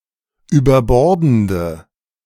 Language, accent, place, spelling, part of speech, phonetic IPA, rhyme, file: German, Germany, Berlin, überbordende, adjective, [yːbɐˈbɔʁdn̩də], -ɔʁdn̩də, De-überbordende.ogg
- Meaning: inflection of überbordend: 1. strong/mixed nominative/accusative feminine singular 2. strong nominative/accusative plural 3. weak nominative all-gender singular